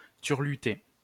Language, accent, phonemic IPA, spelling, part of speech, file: French, France, /tyʁ.ly.te/, turluter, verb, LL-Q150 (fra)-turluter.wav
- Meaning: 1. to perform a turlute song 2. to hum